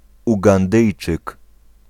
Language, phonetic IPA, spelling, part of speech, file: Polish, [ˌuɡãnˈdɨjt͡ʃɨk], Ugandyjczyk, noun, Pl-Ugandyjczyk.ogg